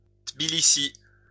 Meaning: Tbilisi (the capital city of Georgia)
- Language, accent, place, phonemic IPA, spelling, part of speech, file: French, France, Lyon, /tbi.li.si/, Tbilissi, proper noun, LL-Q150 (fra)-Tbilissi.wav